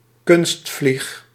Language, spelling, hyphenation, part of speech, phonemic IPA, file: Dutch, kunstvlieg, kunst‧vlieg, noun, /ˈkʏnst.flix/, Nl-kunstvlieg.ogg
- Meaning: fly (fishing lure resembling a bug)